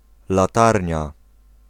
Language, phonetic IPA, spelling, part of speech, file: Polish, [laˈtarʲɲa], latarnia, noun, Pl-latarnia.ogg